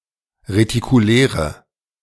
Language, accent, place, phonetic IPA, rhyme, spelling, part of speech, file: German, Germany, Berlin, [ʁetikuˈlɛːʁə], -ɛːʁə, retikuläre, adjective, De-retikuläre.ogg
- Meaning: inflection of retikulär: 1. strong/mixed nominative/accusative feminine singular 2. strong nominative/accusative plural 3. weak nominative all-gender singular